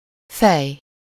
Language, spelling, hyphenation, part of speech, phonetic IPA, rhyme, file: Hungarian, fej, fej, noun / verb, [ˈfɛj], -ɛj, Hu-fej.ogg
- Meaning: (noun) 1. head (part of the body) 2. head, mind, brain, intellect 3. head (principal operative part of a machine or tool) 4. heads, obverse (side of a coin that bears the picture of the head of state)